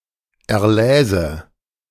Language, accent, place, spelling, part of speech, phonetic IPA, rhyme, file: German, Germany, Berlin, erläse, verb, [ɛɐ̯ˈlɛːzə], -ɛːzə, De-erläse.ogg
- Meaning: first/third-person singular subjunctive II of erlesen